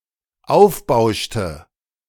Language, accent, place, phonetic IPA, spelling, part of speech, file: German, Germany, Berlin, [ˈaʊ̯fˌbaʊ̯ʃtə], aufbauschte, verb, De-aufbauschte.ogg
- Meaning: inflection of aufbauschen: 1. first/third-person singular dependent preterite 2. first/third-person singular dependent subjunctive II